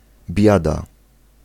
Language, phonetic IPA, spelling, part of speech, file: Polish, [ˈbʲjada], biada, noun / interjection, Pl-biada.ogg